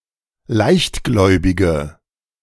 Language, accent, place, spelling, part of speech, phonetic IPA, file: German, Germany, Berlin, leichtgläubige, adjective, [ˈlaɪ̯çtˌɡlɔɪ̯bɪɡə], De-leichtgläubige.ogg
- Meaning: inflection of leichtgläubig: 1. strong/mixed nominative/accusative feminine singular 2. strong nominative/accusative plural 3. weak nominative all-gender singular